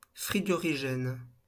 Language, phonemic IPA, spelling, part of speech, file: French, /fʁi.ɡɔ.ʁi.ʒɛn/, frigorigène, adjective, LL-Q150 (fra)-frigorigène.wav
- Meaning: refrigerant